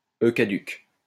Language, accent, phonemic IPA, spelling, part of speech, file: French, France, /ø ka.dyk/, e caduc, noun, LL-Q150 (fra)-e caduc.wav
- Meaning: schwa